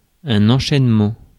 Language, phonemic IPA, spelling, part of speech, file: French, /ɑ̃.ʃɛn.mɑ̃/, enchaînement, noun, Fr-enchaînement.ogg
- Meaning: 1. sequence, series, chain 2. set of linked steps 3. resyllabification